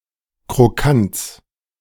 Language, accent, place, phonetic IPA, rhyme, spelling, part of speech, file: German, Germany, Berlin, [kʁoˈkant͡s], -ant͡s, Krokants, noun, De-Krokants.ogg
- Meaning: genitive singular of Krokant